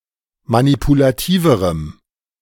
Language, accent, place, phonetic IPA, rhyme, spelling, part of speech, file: German, Germany, Berlin, [manipulaˈtiːvəʁəm], -iːvəʁəm, manipulativerem, adjective, De-manipulativerem.ogg
- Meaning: strong dative masculine/neuter singular comparative degree of manipulativ